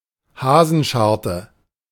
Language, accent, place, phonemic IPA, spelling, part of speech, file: German, Germany, Berlin, /ˈhaːzənˌʃaʁtə/, Hasenscharte, noun, De-Hasenscharte.ogg
- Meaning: cleft lip, harelip